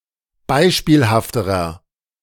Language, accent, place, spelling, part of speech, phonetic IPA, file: German, Germany, Berlin, beispielhafterer, adjective, [ˈbaɪ̯ʃpiːlhaftəʁɐ], De-beispielhafterer.ogg
- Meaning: inflection of beispielhaft: 1. strong/mixed nominative masculine singular comparative degree 2. strong genitive/dative feminine singular comparative degree 3. strong genitive plural comparative degree